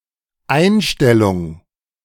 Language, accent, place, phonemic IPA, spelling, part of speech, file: German, Germany, Berlin, /ˈaɪ̯nˌʃtɛlʊŋ/, Einstellung, noun, De-Einstellung.ogg
- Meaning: 1. attitude, mindset, disposition 2. hiring, beginning of an employment 3. cessation, discontinuation 4. dismissal (of action or a case) 5. adjustment, setting, calibration (of a machine)